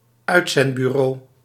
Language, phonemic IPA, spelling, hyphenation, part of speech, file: Dutch, /ˈœytsɛndbyˌro/, uitzendbureau, uit‧zend‧bu‧reau, noun, Nl-uitzendbureau.ogg
- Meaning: employment agency